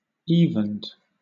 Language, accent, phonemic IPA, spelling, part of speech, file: English, Southern England, /ˈiːvənd/, evened, verb, LL-Q1860 (eng)-evened.wav
- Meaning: simple past and past participle of even